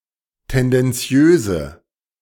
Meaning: inflection of tendenziös: 1. strong/mixed nominative/accusative feminine singular 2. strong nominative/accusative plural 3. weak nominative all-gender singular
- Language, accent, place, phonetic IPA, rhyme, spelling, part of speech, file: German, Germany, Berlin, [ˌtɛndɛnˈt͡si̯øːzə], -øːzə, tendenziöse, adjective, De-tendenziöse.ogg